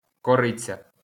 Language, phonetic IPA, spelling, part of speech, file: Ukrainian, [kɔˈrɪt͡sʲɐ], кориця, noun, LL-Q8798 (ukr)-кориця.wav
- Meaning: cinnamon